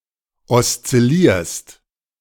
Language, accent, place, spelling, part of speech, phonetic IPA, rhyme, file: German, Germany, Berlin, oszillierst, verb, [ɔst͡sɪˈliːɐ̯st], -iːɐ̯st, De-oszillierst.ogg
- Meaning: second-person singular present of oszillieren